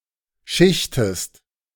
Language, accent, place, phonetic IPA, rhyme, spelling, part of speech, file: German, Germany, Berlin, [ˈʃɪçtəst], -ɪçtəst, schichtest, verb, De-schichtest.ogg
- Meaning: inflection of schichten: 1. second-person singular present 2. second-person singular subjunctive I